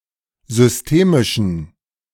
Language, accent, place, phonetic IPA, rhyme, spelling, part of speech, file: German, Germany, Berlin, [zʏsˈteːmɪʃn̩], -eːmɪʃn̩, systemischen, adjective, De-systemischen.ogg
- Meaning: inflection of systemisch: 1. strong genitive masculine/neuter singular 2. weak/mixed genitive/dative all-gender singular 3. strong/weak/mixed accusative masculine singular 4. strong dative plural